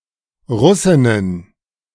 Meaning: plural of Russin
- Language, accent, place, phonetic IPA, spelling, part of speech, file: German, Germany, Berlin, [ˈʁʊsɪnən], Russinnen, noun, De-Russinnen.ogg